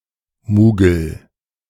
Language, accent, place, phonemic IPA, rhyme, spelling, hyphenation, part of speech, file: German, Germany, Berlin, /muːɡl̩/, -uːɡl̩, Mugel, Mu‧gel, noun, De-Mugel.ogg
- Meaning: 1. hillock 2. large piece 3. mogul, bump